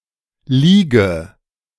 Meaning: inflection of liegen: 1. first-person singular present 2. first/third-person singular subjunctive I
- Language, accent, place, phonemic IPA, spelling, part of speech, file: German, Germany, Berlin, /ˈliː.ɡə/, liege, verb, De-liege.ogg